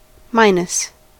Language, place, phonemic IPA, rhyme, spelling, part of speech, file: English, California, /ˈmaɪ.nəs/, -aɪnəs, minus, preposition / noun / adjective / verb, En-us-minus.ogg
- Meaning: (preposition) 1. Made less or reduced by (followed by an expression of number or quantity) 2. Without; deprived of; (noun) 1. The minus sign (−) 2. A negative quantity 3. A downside or disadvantage